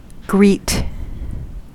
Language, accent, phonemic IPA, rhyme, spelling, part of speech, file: English, US, /ɡɹiːt/, -iːt, greet, verb / adjective / noun, En-us-greet.ogg
- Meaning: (verb) 1. To welcome in a friendly manner, either in person or through another means such as writing 2. To arrive at or reach, or meet 3. To accost; to address 4. To meet and give salutations